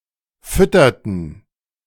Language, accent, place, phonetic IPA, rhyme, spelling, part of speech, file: German, Germany, Berlin, [ˈfʏtɐtn̩], -ʏtɐtn̩, fütterten, verb, De-fütterten.ogg
- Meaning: inflection of füttern: 1. first/third-person plural preterite 2. first/third-person plural subjunctive II